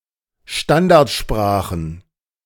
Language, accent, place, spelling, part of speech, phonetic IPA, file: German, Germany, Berlin, Standardsprachen, noun, [ˈʃtandaʁtʃpʁaːxn̩], De-Standardsprachen.ogg
- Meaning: plural of Standardsprache